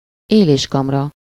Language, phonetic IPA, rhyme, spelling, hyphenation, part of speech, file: Hungarian, [ˈeːleːʃkɒmrɒ], -rɒ, éléskamra, élés‧kam‧ra, noun, Hu-éléskamra.ogg
- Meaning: pantry, larder